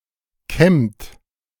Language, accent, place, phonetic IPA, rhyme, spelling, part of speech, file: German, Germany, Berlin, [kɛmt], -ɛmt, kämmt, verb, De-kämmt.ogg
- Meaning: inflection of kämmen: 1. third-person singular present 2. second-person plural present 3. plural imperative